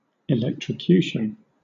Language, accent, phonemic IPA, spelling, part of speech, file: English, Southern England, /ɪˌlɛktɹəˈkjuːʃən/, electrocution, noun, LL-Q1860 (eng)-electrocution.wav
- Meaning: 1. Deliberate execution by electric shock, usually involving an electric chair 2. The accidental death or suicide by electric shock 3. A severe electric shock, whether fatal or not